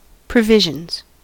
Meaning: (noun) plural of provision; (verb) third-person singular simple present indicative of provision
- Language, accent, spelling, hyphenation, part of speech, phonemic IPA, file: English, US, provisions, pro‧vi‧sions, noun / verb, /pɹəˈvɪʒ.ənz/, En-us-provisions.ogg